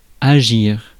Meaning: 1. to act, to do (something) 2. to work, to have an effect; (followed by sur) to act (on) 3. to act, behave 4. prosecute, sue 5. to be, be all about, be a question of
- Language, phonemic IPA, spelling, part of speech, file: French, /a.ʒiʁ/, agir, verb, Fr-agir.ogg